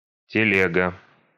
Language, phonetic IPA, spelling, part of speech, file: Russian, [tʲɪˈlʲeɡə], телега, noun, Ru-телега.ogg
- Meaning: 1. cart, telega (a simple, open four-wheeled horse-drawn vehicle for transporting cargo and/or people) 2. a cartful, a load (a large quantity of something) 3. shopping cart 4. complaint